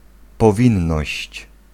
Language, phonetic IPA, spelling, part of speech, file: Polish, [pɔˈvʲĩnːɔɕt͡ɕ], powinność, noun, Pl-powinność.ogg